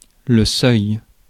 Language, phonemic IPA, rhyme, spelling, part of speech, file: French, /sœj/, -œj, seuil, noun, Fr-seuil.ogg
- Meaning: 1. threshold (of a doorway); doorstep 2. threshold, level 3. threshold (demarcation between the limit or end of one state of being and the beginning or commencement of the next) 4. weir